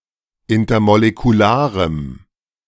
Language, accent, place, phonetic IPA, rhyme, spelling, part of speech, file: German, Germany, Berlin, [ˌɪntɐmolekuˈlaːʁəm], -aːʁəm, intermolekularem, adjective, De-intermolekularem.ogg
- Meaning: strong dative masculine/neuter singular of intermolekular